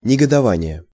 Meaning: indignation, resentment (anger or displeasure felt out of belief that others have engaged in wrongdoing or mistreatment)
- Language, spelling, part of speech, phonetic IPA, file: Russian, негодование, noun, [nʲɪɡədɐˈvanʲɪje], Ru-негодование.ogg